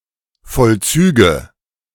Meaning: nominative/accusative/genitive plural of Vollzug
- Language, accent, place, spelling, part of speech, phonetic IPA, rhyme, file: German, Germany, Berlin, Vollzüge, noun, [fɔlˈt͡syːɡə], -yːɡə, De-Vollzüge.ogg